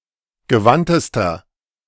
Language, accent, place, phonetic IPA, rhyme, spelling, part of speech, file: German, Germany, Berlin, [ɡəˈvantəstɐ], -antəstɐ, gewandtester, adjective, De-gewandtester.ogg
- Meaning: inflection of gewandt: 1. strong/mixed nominative masculine singular superlative degree 2. strong genitive/dative feminine singular superlative degree 3. strong genitive plural superlative degree